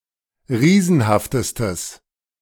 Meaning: strong/mixed nominative/accusative neuter singular superlative degree of riesenhaft
- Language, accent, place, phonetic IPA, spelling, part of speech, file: German, Germany, Berlin, [ˈʁiːzn̩haftəstəs], riesenhaftestes, adjective, De-riesenhaftestes.ogg